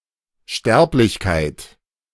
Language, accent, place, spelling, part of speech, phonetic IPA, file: German, Germany, Berlin, Sterblichkeit, noun, [ˈʃtɛʁplɪçkaɪ̯t], De-Sterblichkeit.ogg
- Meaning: mortality